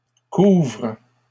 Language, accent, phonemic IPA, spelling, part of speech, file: French, Canada, /kuvʁ/, couvres, verb, LL-Q150 (fra)-couvres.wav
- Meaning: second-person singular present indicative/subjunctive of couvrir